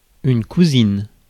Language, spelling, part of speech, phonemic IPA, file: French, cousine, noun, /ku.zin/, Fr-cousine.ogg
- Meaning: female equivalent of cousin (“cousin”)